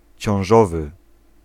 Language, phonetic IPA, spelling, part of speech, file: Polish, [t͡ɕɔ̃w̃ˈʒɔvɨ], ciążowy, adjective, Pl-ciążowy.ogg